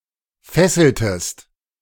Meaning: inflection of fesseln: 1. second-person singular preterite 2. second-person singular subjunctive II
- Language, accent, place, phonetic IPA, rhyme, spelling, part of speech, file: German, Germany, Berlin, [ˈfɛsl̩təst], -ɛsl̩təst, fesseltest, verb, De-fesseltest.ogg